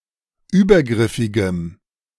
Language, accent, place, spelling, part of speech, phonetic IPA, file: German, Germany, Berlin, übergriffigem, adjective, [ˈyːbɐˌɡʁɪfɪɡəm], De-übergriffigem.ogg
- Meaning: strong dative masculine/neuter singular of übergriffig